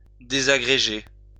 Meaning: to break up or disintegrate
- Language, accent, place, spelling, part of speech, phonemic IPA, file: French, France, Lyon, désagréger, verb, /de.za.ɡʁe.ʒe/, LL-Q150 (fra)-désagréger.wav